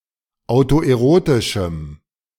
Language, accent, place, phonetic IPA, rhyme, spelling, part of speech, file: German, Germany, Berlin, [aʊ̯toʔeˈʁoːtɪʃm̩], -oːtɪʃm̩, autoerotischem, adjective, De-autoerotischem.ogg
- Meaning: strong dative masculine/neuter singular of autoerotisch